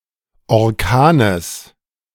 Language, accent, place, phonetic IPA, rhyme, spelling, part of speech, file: German, Germany, Berlin, [ɔʁˈkaːnəs], -aːnəs, Orkanes, noun, De-Orkanes.ogg
- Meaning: genitive singular of Orkan